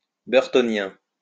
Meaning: Burtonian
- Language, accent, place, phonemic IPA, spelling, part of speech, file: French, France, Lyon, /bœʁ.tɔ.njɛ̃/, burtonien, adjective, LL-Q150 (fra)-burtonien.wav